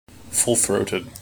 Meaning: 1. Using all the power of one's voice; communicated loudly or vociferously 2. Showing strong feelings 3. Of a woman: having ample breasts
- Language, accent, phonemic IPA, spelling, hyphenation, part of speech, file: English, General American, /ˌfʊlˈθɹoʊtəd/, full-throated, full-throat‧ed, adjective, En-us-full-throated.mp3